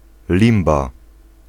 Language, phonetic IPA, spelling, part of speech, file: Polish, [ˈlʲĩmba], limba, noun, Pl-limba.ogg